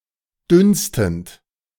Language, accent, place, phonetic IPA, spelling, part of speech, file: German, Germany, Berlin, [ˈdʏnstn̩t], dünstend, verb, De-dünstend.ogg
- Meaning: present participle of dünsten